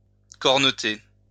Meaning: to cup
- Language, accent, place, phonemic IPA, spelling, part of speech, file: French, France, Lyon, /kɔʁ.nə.te/, corneter, verb, LL-Q150 (fra)-corneter.wav